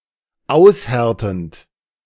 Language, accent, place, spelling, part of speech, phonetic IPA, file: German, Germany, Berlin, aushärtend, verb, [ˈaʊ̯sˌhɛʁtn̩t], De-aushärtend.ogg
- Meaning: present participle of aushärten